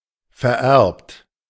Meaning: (verb) past participle of vererben; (adjective) hereditary, transmitted; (verb) inflection of vererben: 1. second-person plural present 2. third-person singular present 3. plural imperative
- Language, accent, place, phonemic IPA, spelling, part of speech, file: German, Germany, Berlin, /fɛɐ̯ˈʔɛʁpt/, vererbt, verb / adjective, De-vererbt.ogg